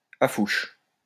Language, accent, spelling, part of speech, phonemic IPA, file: French, France, affouche, noun, /a.fuʃ/, LL-Q150 (fra)-affouche.wav
- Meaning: any of various species of Ficus native to the Mascarene Islands